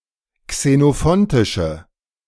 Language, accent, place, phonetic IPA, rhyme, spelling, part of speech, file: German, Germany, Berlin, [ksenoˈfɔntɪʃə], -ɔntɪʃə, xenophontische, adjective, De-xenophontische.ogg
- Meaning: inflection of xenophontisch: 1. strong/mixed nominative/accusative feminine singular 2. strong nominative/accusative plural 3. weak nominative all-gender singular